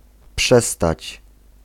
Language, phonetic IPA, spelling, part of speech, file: Polish, [ˈpʃɛstat͡ɕ], przestać, verb, Pl-przestać.ogg